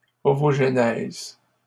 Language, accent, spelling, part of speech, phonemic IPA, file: French, Canada, ovogenèse, noun, /ɔ.vɔʒ.nɛz/, LL-Q150 (fra)-ovogenèse.wav
- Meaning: ovogenesis